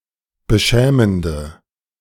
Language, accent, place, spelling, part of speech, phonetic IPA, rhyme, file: German, Germany, Berlin, beschämende, adjective, [bəˈʃɛːməndə], -ɛːməndə, De-beschämende.ogg
- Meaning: inflection of beschämend: 1. strong/mixed nominative/accusative feminine singular 2. strong nominative/accusative plural 3. weak nominative all-gender singular